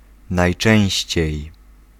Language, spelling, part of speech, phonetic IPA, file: Polish, najczęściej, adverb, [najˈt͡ʃɛ̃w̃ɕt͡ɕɛ̇j], Pl-najczęściej.ogg